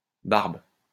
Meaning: plural of barbe
- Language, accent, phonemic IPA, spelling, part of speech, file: French, France, /baʁb/, barbes, noun, LL-Q150 (fra)-barbes.wav